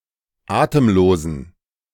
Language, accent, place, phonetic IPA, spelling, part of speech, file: German, Germany, Berlin, [ˈaːtəmˌloːzn̩], atemlosen, adjective, De-atemlosen.ogg
- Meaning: inflection of atemlos: 1. strong genitive masculine/neuter singular 2. weak/mixed genitive/dative all-gender singular 3. strong/weak/mixed accusative masculine singular 4. strong dative plural